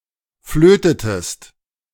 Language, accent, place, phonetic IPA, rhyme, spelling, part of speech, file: German, Germany, Berlin, [ˈfløːtətəst], -øːtətəst, flötetest, verb, De-flötetest.ogg
- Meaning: inflection of flöten: 1. second-person singular preterite 2. second-person singular subjunctive II